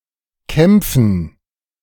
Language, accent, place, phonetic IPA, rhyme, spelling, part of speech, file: German, Germany, Berlin, [ˈkɛmp͡fn̩], -ɛmp͡fn̩, Kämpfen, noun, De-Kämpfen.ogg
- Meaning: dative plural of Kampf